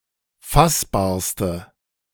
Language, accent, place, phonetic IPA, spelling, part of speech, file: German, Germany, Berlin, [ˈfasbaːɐ̯stə], fassbarste, adjective, De-fassbarste.ogg
- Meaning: inflection of fassbar: 1. strong/mixed nominative/accusative feminine singular superlative degree 2. strong nominative/accusative plural superlative degree